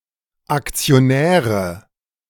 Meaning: nominative/accusative/genitive plural of Aktionär
- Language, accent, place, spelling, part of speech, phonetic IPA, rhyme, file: German, Germany, Berlin, Aktionäre, noun, [akt͡sioˈnɛːʁə], -ɛːʁə, De-Aktionäre.ogg